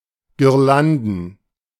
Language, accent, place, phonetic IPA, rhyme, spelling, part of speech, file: German, Germany, Berlin, [ɡɪʁˈlandn̩], -andn̩, Girlanden, noun, De-Girlanden.ogg
- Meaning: plural of Girlande